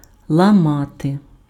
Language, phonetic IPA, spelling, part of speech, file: Ukrainian, [ɫɐˈmate], ламати, verb, Uk-ламати.ogg
- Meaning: to break, to smash, to fracture